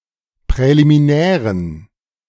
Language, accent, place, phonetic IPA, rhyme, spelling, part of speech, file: German, Germany, Berlin, [pʁɛlimiˈnɛːʁən], -ɛːʁən, präliminären, adjective, De-präliminären.ogg
- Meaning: inflection of präliminär: 1. strong genitive masculine/neuter singular 2. weak/mixed genitive/dative all-gender singular 3. strong/weak/mixed accusative masculine singular 4. strong dative plural